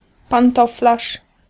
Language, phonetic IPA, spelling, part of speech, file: Polish, [pãnˈtɔflaʃ], pantoflarz, noun, Pl-pantoflarz.ogg